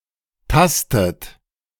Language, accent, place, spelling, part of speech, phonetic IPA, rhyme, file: German, Germany, Berlin, tastet, verb, [ˈtastət], -astət, De-tastet.ogg
- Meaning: inflection of tasten: 1. third-person singular present 2. second-person plural present 3. second-person plural subjunctive I 4. plural imperative